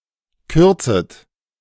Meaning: second-person plural subjunctive I of kürzen
- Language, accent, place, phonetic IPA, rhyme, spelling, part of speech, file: German, Germany, Berlin, [ˈkʏʁt͡sət], -ʏʁt͡sət, kürzet, verb, De-kürzet.ogg